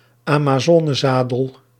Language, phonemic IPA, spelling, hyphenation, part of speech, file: Dutch, /aː.maːˈzɔː.nəˌzaː.dəl/, amazonezadel, ama‧zo‧ne‧za‧del, noun, Nl-amazonezadel.ogg
- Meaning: saddle allowing the rider to sit with both legs to one side